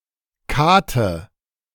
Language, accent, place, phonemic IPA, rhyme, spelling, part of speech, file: German, Germany, Berlin, /ˈkaːtə/, -aːtə, Kate, noun, De-Kate.ogg
- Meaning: hut, cot, cottage